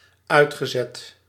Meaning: past participle of uitzetten
- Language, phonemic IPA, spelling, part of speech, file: Dutch, /ˈœy̯txəˌzɛt/, uitgezet, verb, Nl-uitgezet.ogg